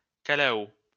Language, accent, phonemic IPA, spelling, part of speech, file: French, France, /ka.la.o/, calao, noun, LL-Q150 (fra)-calao.wav
- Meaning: hornbill (bird)